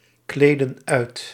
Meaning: inflection of uitkleden: 1. plural past indicative 2. plural past subjunctive
- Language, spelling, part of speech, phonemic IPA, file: Dutch, kleedden uit, verb, /ˈkledə(n) ˈœyt/, Nl-kleedden uit.ogg